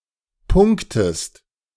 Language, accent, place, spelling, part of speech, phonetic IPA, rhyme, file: German, Germany, Berlin, punktest, verb, [ˈpʊŋktəst], -ʊŋktəst, De-punktest.ogg
- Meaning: inflection of punkten: 1. second-person singular present 2. second-person singular subjunctive I